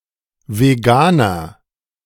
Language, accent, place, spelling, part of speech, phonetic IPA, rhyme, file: German, Germany, Berlin, veganer, adjective, [veˈɡaːnɐ], -aːnɐ, De-veganer.ogg
- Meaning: 1. comparative degree of vegan 2. inflection of vegan: strong/mixed nominative masculine singular 3. inflection of vegan: strong genitive/dative feminine singular